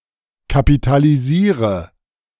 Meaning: inflection of kapitalisieren: 1. first-person singular present 2. first/third-person singular subjunctive I 3. singular imperative
- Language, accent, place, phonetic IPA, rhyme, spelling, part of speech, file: German, Germany, Berlin, [kapitaliˈziːʁə], -iːʁə, kapitalisiere, verb, De-kapitalisiere.ogg